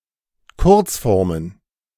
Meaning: plural of Kurzform
- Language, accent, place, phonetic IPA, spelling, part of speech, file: German, Germany, Berlin, [ˈkʊʁt͡sˌfɔʁmən], Kurzformen, noun, De-Kurzformen.ogg